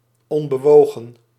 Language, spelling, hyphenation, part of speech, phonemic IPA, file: Dutch, onbewogen, on‧be‧wo‧gen, adjective / adverb, /ˌɔn.bəˈʋoː.ɣə(n)/, Nl-onbewogen.ogg
- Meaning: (adjective) untroubled, unmoved; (adverb) untroubledly